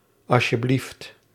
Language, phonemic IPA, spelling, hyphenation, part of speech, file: Dutch, /ˌɑ.ʃəˈblift/, asjeblieft, as‧je‧blieft, interjection, Nl-asjeblieft.ogg
- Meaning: alternative form of alsjeblieft